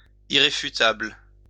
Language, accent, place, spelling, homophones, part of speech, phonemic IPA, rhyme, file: French, France, Lyon, irréfutable, irréfutables, adjective, /i.ʁe.fy.tabl/, -abl, LL-Q150 (fra)-irréfutable.wav
- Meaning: incontrovertible, irrefutable (undeniable, unable to be disproved)